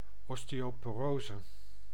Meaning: osteoporosis
- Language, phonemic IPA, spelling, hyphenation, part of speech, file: Dutch, /ɔsteːoːpoːˈroːzə/, osteoporose, os‧teo‧po‧ro‧se, noun, Nl-osteoporose.ogg